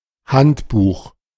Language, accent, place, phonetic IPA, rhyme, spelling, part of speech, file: German, Germany, Berlin, [ˈhantˌbuːx], -antbuːx, Handbuch, noun, De-Handbuch.ogg
- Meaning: handbook, manual